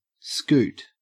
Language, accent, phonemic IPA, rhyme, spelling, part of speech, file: English, Australia, /skuːt/, -uːt, scoot, noun / verb, En-au-scoot.ogg
- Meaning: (noun) 1. A swift movement or trip 2. A sideways shuffling or sliding motion 3. A dollar; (verb) 1. To walk or travel fast; to go quickly 2. To run away hastily; scram